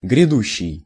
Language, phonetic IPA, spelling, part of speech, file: Russian, [ɡrʲɪˈduɕːɪj], грядущий, verb / adjective, Ru-грядущий.ogg
- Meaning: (verb) present active imperfective participle of грясти́ (grjastí); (adjective) future, coming, forthcoming